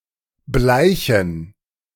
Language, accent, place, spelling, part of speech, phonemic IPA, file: German, Germany, Berlin, bleichen, verb, /ˈblaɪ̯çən/, De-bleichen.ogg
- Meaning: 1. to bleach 2. to fade, to lose colour